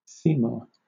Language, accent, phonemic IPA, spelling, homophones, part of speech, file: English, Southern England, /ˈsiːmɔː(ɹ)/, Seymour, see more, proper noun, LL-Q1860 (eng)-Seymour.wav
- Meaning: 1. A surname from Anglo-Norman 2. A male given name transferred from the surname 3. A number of places in the United States: A town in New Haven County, Connecticut